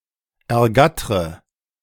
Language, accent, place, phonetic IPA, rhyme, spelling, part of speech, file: German, Germany, Berlin, [ɛɐ̯ˈɡatʁə], -atʁə, ergattre, verb, De-ergattre.ogg
- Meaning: inflection of ergattern: 1. first-person singular present 2. first/third-person singular subjunctive I 3. singular imperative